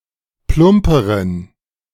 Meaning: inflection of plump: 1. strong genitive masculine/neuter singular comparative degree 2. weak/mixed genitive/dative all-gender singular comparative degree
- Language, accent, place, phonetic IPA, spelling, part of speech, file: German, Germany, Berlin, [ˈplʊmpəʁən], plumperen, adjective, De-plumperen.ogg